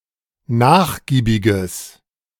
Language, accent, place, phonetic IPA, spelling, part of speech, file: German, Germany, Berlin, [ˈnaːxˌɡiːbɪɡəs], nachgiebiges, adjective, De-nachgiebiges.ogg
- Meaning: strong/mixed nominative/accusative neuter singular of nachgiebig